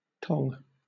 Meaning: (noun) An instrument or tool used for manipulating things in a fire without touching them with the hands; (verb) 1. To use tongs 2. To grab, manipulate or transport something using tongs
- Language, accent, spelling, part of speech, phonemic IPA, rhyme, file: English, Southern England, tong, noun / verb, /tɒŋ/, -ɒŋ, LL-Q1860 (eng)-tong.wav